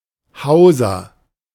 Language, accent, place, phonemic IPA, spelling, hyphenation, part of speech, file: German, Germany, Berlin, /ˈhaʊ̯zɐ/, Hauser, Hau‧ser, noun / proper noun, De-Hauser.ogg
- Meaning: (noun) housekeeper; business leader; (proper noun) a surname